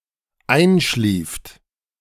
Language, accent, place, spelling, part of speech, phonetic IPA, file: German, Germany, Berlin, einschlieft, verb, [ˈaɪ̯nˌʃliːft], De-einschlieft.ogg
- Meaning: second-person plural dependent preterite of einschlafen